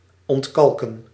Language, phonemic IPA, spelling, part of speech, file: Dutch, /ɔntˈkɑlkə(n)/, ontkalken, verb, Nl-ontkalken.ogg
- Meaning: 1. to descale 2. to decalcify